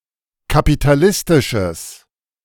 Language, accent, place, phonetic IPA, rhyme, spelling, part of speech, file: German, Germany, Berlin, [kapitaˈlɪstɪʃəs], -ɪstɪʃəs, kapitalistisches, adjective, De-kapitalistisches.ogg
- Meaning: strong/mixed nominative/accusative neuter singular of kapitalistisch